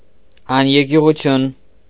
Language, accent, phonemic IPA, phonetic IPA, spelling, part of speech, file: Armenian, Eastern Armenian, /ɑneɾkjuʁuˈtʰjun/, [ɑneɾkjuʁut͡sʰjún], աներկյուղություն, noun, Hy-աներկյուղություն.ogg
- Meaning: fearlessness, bravery